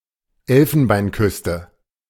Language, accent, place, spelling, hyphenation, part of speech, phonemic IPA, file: German, Germany, Berlin, Elfenbeinküste, El‧fen‧bein‧küs‧te, proper noun, /ˈɛl.fən.baɪ̯nˌkʏs.tə/, De-Elfenbeinküste.ogg
- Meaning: Ivory Coast, Côte d'Ivoire (a country in West Africa)